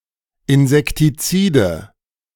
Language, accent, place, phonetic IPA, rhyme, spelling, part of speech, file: German, Germany, Berlin, [ɪnzɛktiˈt͡siːdə], -iːdə, Insektizide, noun, De-Insektizide.ogg
- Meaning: nominative/accusative/genitive plural of Insektizid